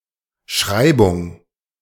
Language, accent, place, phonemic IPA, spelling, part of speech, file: German, Germany, Berlin, /ˈʃʁaɪ̯bʊŋ/, Schreibung, noun, De-Schreibung.ogg
- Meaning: spelling (specific way of writing a word)